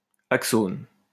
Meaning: plural of axone
- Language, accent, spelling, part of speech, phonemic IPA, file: French, France, axones, noun, /ak.son/, LL-Q150 (fra)-axones.wav